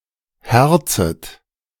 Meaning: second-person plural subjunctive I of herzen
- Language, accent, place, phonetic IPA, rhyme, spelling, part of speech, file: German, Germany, Berlin, [ˈhɛʁt͡sət], -ɛʁt͡sət, herzet, verb, De-herzet.ogg